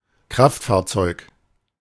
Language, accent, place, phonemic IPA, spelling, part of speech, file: German, Germany, Berlin, /ˈkʁaftfaːɐ̯tsɔɪ̯k/, Kraftfahrzeug, noun, De-Kraftfahrzeug.ogg
- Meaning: motor vehicle (any land vehicle)